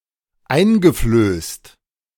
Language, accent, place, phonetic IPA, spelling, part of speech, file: German, Germany, Berlin, [ˈaɪ̯nɡəˌfløːst], eingeflößt, verb, De-eingeflößt.ogg
- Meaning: past participle of einflößen